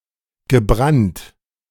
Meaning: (verb) past participle of brennen; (adjective) 1. burnt 2. fired (e.g. in a kiln) 3. distilled 4. roasted in a sugary coating; candied
- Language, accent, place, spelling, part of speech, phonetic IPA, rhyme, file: German, Germany, Berlin, gebrannt, verb, [ɡəˈbʁant], -ant, De-gebrannt.ogg